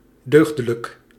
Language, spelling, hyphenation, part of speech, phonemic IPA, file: Dutch, deugdelijk, deug‧de‧lijk, adjective, /ˈdøːɣ.də.lək/, Nl-deugdelijk.ogg
- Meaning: sound, solid